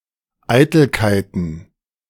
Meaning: plural of Eitelkeit
- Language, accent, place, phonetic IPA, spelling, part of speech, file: German, Germany, Berlin, [ˈaɪ̯tl̩kaɪ̯tn̩], Eitelkeiten, noun, De-Eitelkeiten.ogg